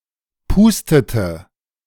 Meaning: inflection of pusten: 1. first/third-person singular preterite 2. first/third-person singular subjunctive II
- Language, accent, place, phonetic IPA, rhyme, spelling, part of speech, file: German, Germany, Berlin, [ˈpuːstətə], -uːstətə, pustete, verb, De-pustete.ogg